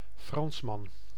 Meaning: a Frenchman, a French male
- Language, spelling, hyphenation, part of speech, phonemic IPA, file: Dutch, Fransman, Frans‧man, noun, /ˈfrɑns.mɑn/, Nl-Fransman.ogg